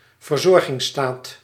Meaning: welfare state
- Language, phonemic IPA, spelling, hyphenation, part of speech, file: Dutch, /vərˈzɔr.ɣɪŋ(s)ˌstaːt/, verzorgingsstaat, ver‧zor‧gings‧staat, noun, Nl-verzorgingsstaat.ogg